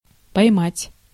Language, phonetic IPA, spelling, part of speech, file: Russian, [pɐjˈmatʲ], поймать, verb, Ru-поймать.ogg
- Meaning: to catch, to take